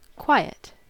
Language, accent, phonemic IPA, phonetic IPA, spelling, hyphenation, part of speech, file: English, US, /ˈkwaɪ̯.ət/, [ˈkʰw̥aɪ̯.ət], quiet, qui‧et, adjective / verb / noun / interjection, En-us-quiet.ogg
- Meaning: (adjective) 1. With little or no sound; free of disturbing noise 2. Having little motion or activity; calm 3. Not busy, of low quantity 4. Not talking much or not talking loudly; reserved